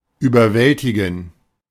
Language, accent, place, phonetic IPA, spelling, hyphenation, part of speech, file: German, Germany, Berlin, [yːbɐˈvɛltɪɡn̩], überwältigen, über‧wäl‧ti‧gen, verb, De-überwältigen.ogg
- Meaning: 1. to overwhelm, to subdue, to overpower 2. to dazzle, to impress, to astonish